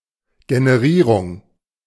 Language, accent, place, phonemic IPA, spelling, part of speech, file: German, Germany, Berlin, /ɡenəˈʁiːʁʊŋ/, Generierung, noun, De-Generierung.ogg
- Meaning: generation, creation